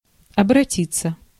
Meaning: 1. to turn (to) 2. to speak (to); to address; to go to 3. to apply (to) 4. to appeal 5. to take to, to take (flight) 6. passive of обрати́ть (obratítʹ)
- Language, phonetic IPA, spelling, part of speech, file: Russian, [ɐbrɐˈtʲit͡sːə], обратиться, verb, Ru-обратиться.ogg